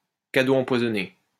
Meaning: poisoned chalice, more of a curse than a blessing, something that does more harm than good
- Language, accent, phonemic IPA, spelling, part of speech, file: French, France, /ka.do ɑ̃.pwa.zɔ.ne/, cadeau empoisonné, noun, LL-Q150 (fra)-cadeau empoisonné.wav